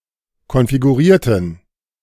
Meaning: inflection of konfigurieren: 1. first/third-person plural preterite 2. first/third-person plural subjunctive II
- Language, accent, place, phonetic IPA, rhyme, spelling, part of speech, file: German, Germany, Berlin, [kɔnfiɡuˈʁiːɐ̯tn̩], -iːɐ̯tn̩, konfigurierten, adjective / verb, De-konfigurierten.ogg